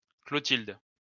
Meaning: a female given name, variant of Clotilde
- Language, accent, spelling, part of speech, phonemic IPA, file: French, France, Clothilde, proper noun, /klɔ.tild/, LL-Q150 (fra)-Clothilde.wav